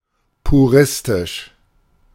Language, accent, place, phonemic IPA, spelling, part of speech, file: German, Germany, Berlin, /puˈʁɪstɪʃ/, puristisch, adjective, De-puristisch.ogg
- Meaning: puristic